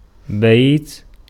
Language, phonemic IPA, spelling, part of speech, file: Arabic, /bajt/, بيت, noun, Ar-بيت.ogg
- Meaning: 1. house, building 2. tent (dwelling) 3. room, apartment, flat 4. commercial house 5. settlement, decision, scheme 6. garden bed 7. family, dynasty 8. box, case, covering, sheath